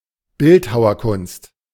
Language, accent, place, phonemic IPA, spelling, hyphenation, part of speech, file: German, Germany, Berlin, /bɪlthaʊɐˌkʊnst/, Bildhauerkunst, Bild‧hau‧er‧kunst, noun, De-Bildhauerkunst.ogg
- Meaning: sculpture